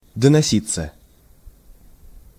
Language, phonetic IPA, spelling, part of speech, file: Russian, [dənɐˈsʲit͡sːə], доноситься, verb, Ru-доноситься.ogg
- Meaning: 1. to get / be worn out (of clothes, shoes) 2. to reach one's ears, to be heard; to be carried by the wind 3. passive of доноси́ть (donosítʹ)